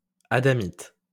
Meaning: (adjective) adamite, Adamite; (noun) 1. Adamite 2. adamite
- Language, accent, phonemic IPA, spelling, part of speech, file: French, France, /a.da.mit/, adamite, adjective / noun, LL-Q150 (fra)-adamite.wav